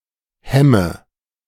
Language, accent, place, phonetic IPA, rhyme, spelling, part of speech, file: German, Germany, Berlin, [ˈhɛmə], -ɛmə, hemme, verb, De-hemme.ogg
- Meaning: inflection of hemmen: 1. first-person singular present 2. singular imperative 3. first/third-person singular subjunctive I